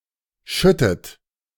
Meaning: inflection of schütten: 1. second-person plural present 2. second-person plural subjunctive I 3. third-person singular present 4. plural imperative
- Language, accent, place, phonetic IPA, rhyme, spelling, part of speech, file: German, Germany, Berlin, [ˈʃʏtət], -ʏtət, schüttet, verb, De-schüttet.ogg